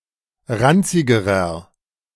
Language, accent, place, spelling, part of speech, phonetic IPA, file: German, Germany, Berlin, ranzigerer, adjective, [ˈʁant͡sɪɡəʁɐ], De-ranzigerer.ogg
- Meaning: inflection of ranzig: 1. strong/mixed nominative masculine singular comparative degree 2. strong genitive/dative feminine singular comparative degree 3. strong genitive plural comparative degree